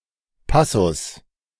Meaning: passage (section of text or music)
- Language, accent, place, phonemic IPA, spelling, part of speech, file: German, Germany, Berlin, /ˈpasʊs/, Passus, noun, De-Passus.ogg